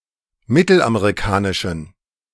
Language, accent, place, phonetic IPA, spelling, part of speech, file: German, Germany, Berlin, [ˈmɪtl̩ʔameʁiˌkaːnɪʃn̩], mittelamerikanischen, adjective, De-mittelamerikanischen.ogg
- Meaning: inflection of mittelamerikanisch: 1. strong genitive masculine/neuter singular 2. weak/mixed genitive/dative all-gender singular 3. strong/weak/mixed accusative masculine singular